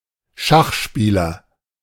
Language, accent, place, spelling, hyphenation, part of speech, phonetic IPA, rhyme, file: German, Germany, Berlin, Schachspieler, Schach‧spie‧ler, noun, [ˈʃaχˌʃpiːlɐ], -iːlɐ, De-Schachspieler.ogg
- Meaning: chess player, chesser (male or of unspecified sex)